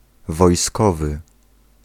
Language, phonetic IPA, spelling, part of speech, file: Polish, [vɔjˈskɔvɨ], wojskowy, adjective / noun, Pl-wojskowy.ogg